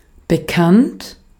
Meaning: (verb) past participle of bekennen; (adjective) known, familiar
- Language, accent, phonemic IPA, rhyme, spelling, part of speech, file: German, Austria, /bəˈkant/, -ant, bekannt, verb / adjective, De-at-bekannt.ogg